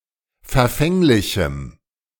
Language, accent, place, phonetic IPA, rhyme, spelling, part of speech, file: German, Germany, Berlin, [fɛɐ̯ˈfɛŋlɪçm̩], -ɛŋlɪçm̩, verfänglichem, adjective, De-verfänglichem.ogg
- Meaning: strong dative masculine/neuter singular of verfänglich